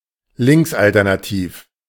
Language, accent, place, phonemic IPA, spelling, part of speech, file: German, Germany, Berlin, /ˈlɪŋksʔaltɛʁnaˌtiːf/, linksalternativ, adjective, De-linksalternativ.ogg
- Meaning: leftish alternative